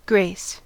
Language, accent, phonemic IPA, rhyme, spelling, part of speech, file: English, General American, /ɡɹeɪs/, -eɪs, grace, noun / verb, En-us-grace.ogg
- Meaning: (noun) 1. Charming, pleasing qualities 2. A short prayer of thanks before or after a meal 3. In the games of patience or solitaire: a special move that is normally against the rules 4. A grace note